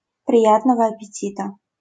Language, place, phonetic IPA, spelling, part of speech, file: Russian, Saint Petersburg, [prʲɪˈjatnəvɐ‿ɐpʲɪˈtʲitə], приятного аппетита, interjection, LL-Q7737 (rus)-приятного аппетита.wav
- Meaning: bon appétit